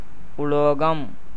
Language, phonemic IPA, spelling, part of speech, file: Tamil, /ʊloːɡɐm/, உலோகம், noun, Ta-உலோகம்.ogg
- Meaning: 1. metal 2. standard form of லோகம் (lōkam, “world”)